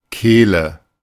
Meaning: 1. throat (front of the neck) 2. fillet
- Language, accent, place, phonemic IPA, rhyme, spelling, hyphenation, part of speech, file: German, Germany, Berlin, /ˈkeːlə/, -eːlə, Kehle, Keh‧le, noun, De-Kehle.ogg